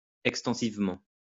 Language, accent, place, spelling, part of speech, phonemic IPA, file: French, France, Lyon, extensivement, adverb, /ɛk.stɑ̃.siv.mɑ̃/, LL-Q150 (fra)-extensivement.wav
- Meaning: extensively